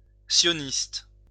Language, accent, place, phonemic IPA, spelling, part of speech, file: French, France, Lyon, /sjɔ.nist/, sioniste, adjective / noun, LL-Q150 (fra)-sioniste.wav
- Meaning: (adjective) Zionist